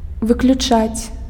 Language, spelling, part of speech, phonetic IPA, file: Belarusian, выключаць, verb, [vɨklʲuˈt͡ʂat͡sʲ], Be-выключаць.ogg
- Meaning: 1. to switch off, to turn off, to disable (to put something out of operation) 2. to exclude 3. to remove